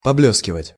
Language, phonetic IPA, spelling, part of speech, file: Russian, [pɐˈblʲɵskʲɪvətʲ], поблёскивать, verb, Ru-поблёскивать.ogg
- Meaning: diminutive of блесте́ть (blestétʹ): to shine a little, to shine sometimes